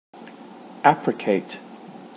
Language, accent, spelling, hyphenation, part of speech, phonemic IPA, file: English, Received Pronunciation, apricate, apric‧ate, verb, /ˈæpɹɪkeɪt/, En-uk-apricate.ogg
- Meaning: 1. To bask in the sun 2. To disinfect and freshen by exposing to the sun; to sun